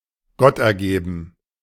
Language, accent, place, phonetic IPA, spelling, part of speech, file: German, Germany, Berlin, [ˈɡɔtʔɛɐ̯ˌɡeːbn̩], gottergeben, adjective, De-gottergeben.ogg
- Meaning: resigned (out of duty)